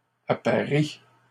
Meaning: third-person plural present indicative/subjunctive of apparier
- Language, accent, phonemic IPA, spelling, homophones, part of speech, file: French, Canada, /a.pa.ʁi/, apparient, apparie / apparies, verb, LL-Q150 (fra)-apparient.wav